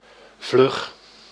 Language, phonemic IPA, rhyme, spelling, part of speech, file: Dutch, /vlʏx/, -ʏx, vlug, adjective, Nl-vlug.ogg
- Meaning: quick, fast